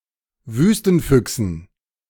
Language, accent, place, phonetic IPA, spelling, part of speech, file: German, Germany, Berlin, [ˈvyːstn̩ˌfʏksn̩], Wüstenfüchsen, noun, De-Wüstenfüchsen.ogg
- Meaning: dative plural of Wüstenfuchs